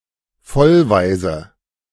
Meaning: orphan
- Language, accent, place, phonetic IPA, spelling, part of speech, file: German, Germany, Berlin, [ˈfɔlˌvaɪ̯zə], Vollwaise, noun, De-Vollwaise.ogg